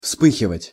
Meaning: 1. to flash (to briefly illuminate a scene) 2. to blaze up, to break out (of fire), to flare up 3. to blush, to flush
- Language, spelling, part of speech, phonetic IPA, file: Russian, вспыхивать, verb, [ˈfspɨxʲɪvətʲ], Ru-вспыхивать.ogg